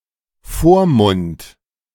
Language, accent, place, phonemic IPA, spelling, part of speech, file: German, Germany, Berlin, /ˈfoːrˌmʊnt/, Vormund, noun, De-Vormund.ogg
- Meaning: legal guardian